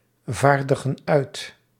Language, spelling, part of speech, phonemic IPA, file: Dutch, vaardigen uit, verb, /ˈvardəɣə(n) ˈœyt/, Nl-vaardigen uit.ogg
- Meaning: inflection of uitvaardigen: 1. plural present indicative 2. plural present subjunctive